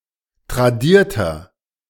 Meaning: 1. comparative degree of tradiert 2. inflection of tradiert: strong/mixed nominative masculine singular 3. inflection of tradiert: strong genitive/dative feminine singular
- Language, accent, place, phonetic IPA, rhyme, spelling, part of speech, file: German, Germany, Berlin, [tʁaˈdiːɐ̯tɐ], -iːɐ̯tɐ, tradierter, adjective, De-tradierter.ogg